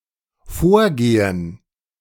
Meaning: gerund of vorgehen: 1. proceeding 2. procedure
- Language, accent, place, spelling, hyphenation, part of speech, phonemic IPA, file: German, Germany, Berlin, Vorgehen, Vor‧ge‧hen, noun, /ˈfoːɐ̯ɡeːən/, De-Vorgehen.ogg